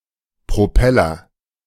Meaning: propeller
- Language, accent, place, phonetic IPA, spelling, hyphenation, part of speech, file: German, Germany, Berlin, [ˌpʁoˈpɛlɐ], Propeller, Pro‧pel‧ler, noun, De-Propeller.ogg